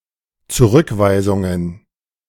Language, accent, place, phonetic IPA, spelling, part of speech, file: German, Germany, Berlin, [t͡suˈʁʏkˌvaɪ̯zʊŋən], Zurückweisungen, noun, De-Zurückweisungen.ogg
- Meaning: plural of Zurückweisung